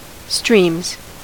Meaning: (noun) plural of stream; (verb) third-person singular simple present indicative of stream
- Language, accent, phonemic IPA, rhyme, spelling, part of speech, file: English, US, /stɹiːmz/, -iːmz, streams, noun / verb, En-us-streams.ogg